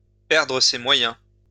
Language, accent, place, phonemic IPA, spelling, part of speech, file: French, France, Lyon, /pɛʁ.dʁə se mwa.jɛ̃/, perdre ses moyens, verb, LL-Q150 (fra)-perdre ses moyens.wav
- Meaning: to become flustered, to go to pieces (to have a breakdown)